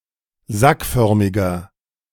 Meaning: inflection of sackförmig: 1. strong/mixed nominative masculine singular 2. strong genitive/dative feminine singular 3. strong genitive plural
- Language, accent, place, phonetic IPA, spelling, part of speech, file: German, Germany, Berlin, [ˈzakˌfœʁmɪɡɐ], sackförmiger, adjective, De-sackförmiger.ogg